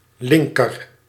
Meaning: 1. left 2. comparative degree of link
- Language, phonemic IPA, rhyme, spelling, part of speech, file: Dutch, /ˈlɪŋkər/, -ɪŋkər, linker, adjective, Nl-linker.ogg